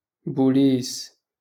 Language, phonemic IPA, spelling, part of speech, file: Moroccan Arabic, /buː.liːs/, بوليس, noun, LL-Q56426 (ary)-بوليس.wav
- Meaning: police